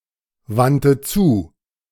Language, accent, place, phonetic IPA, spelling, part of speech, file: German, Germany, Berlin, [ˌvantə ˈt͡suː], wandte zu, verb, De-wandte zu.ogg
- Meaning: first/third-person singular preterite of zuwenden